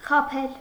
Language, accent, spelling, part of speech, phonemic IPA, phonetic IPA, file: Armenian, Eastern Armenian, խաբել, verb, /χɑˈpʰel/, [χɑpʰél], Hy-խաբել.ogg
- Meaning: 1. to lie 2. to deceive, to trick